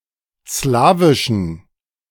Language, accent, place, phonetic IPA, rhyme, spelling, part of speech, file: German, Germany, Berlin, [ˈslaːvɪʃn̩], -aːvɪʃn̩, slawischen, adjective, De-slawischen.ogg
- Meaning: inflection of slawisch: 1. strong genitive masculine/neuter singular 2. weak/mixed genitive/dative all-gender singular 3. strong/weak/mixed accusative masculine singular 4. strong dative plural